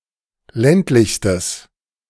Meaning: strong/mixed nominative/accusative neuter singular superlative degree of ländlich
- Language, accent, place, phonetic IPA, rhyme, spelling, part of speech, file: German, Germany, Berlin, [ˈlɛntlɪçstəs], -ɛntlɪçstəs, ländlichstes, adjective, De-ländlichstes.ogg